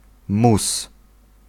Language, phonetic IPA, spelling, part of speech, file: Polish, [mus], mus, noun, Pl-mus.ogg